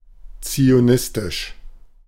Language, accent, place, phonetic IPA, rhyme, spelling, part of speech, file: German, Germany, Berlin, [t͡sioˈnɪstɪʃ], -ɪstɪʃ, zionistisch, adjective, De-zionistisch.ogg
- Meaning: zionist